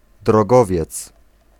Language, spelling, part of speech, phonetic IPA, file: Polish, drogowiec, noun, [drɔˈɡɔvʲjɛt͡s], Pl-drogowiec.ogg